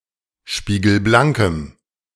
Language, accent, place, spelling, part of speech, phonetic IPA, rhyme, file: German, Germany, Berlin, spiegelblankem, adjective, [ˌʃpiːɡl̩ˈblaŋkəm], -aŋkəm, De-spiegelblankem.ogg
- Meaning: strong dative masculine/neuter singular of spiegelblank